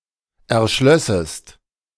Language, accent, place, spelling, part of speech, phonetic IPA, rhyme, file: German, Germany, Berlin, erschlössest, verb, [ɛɐ̯ˈʃlœsəst], -œsəst, De-erschlössest.ogg
- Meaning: second-person singular subjunctive II of erschließen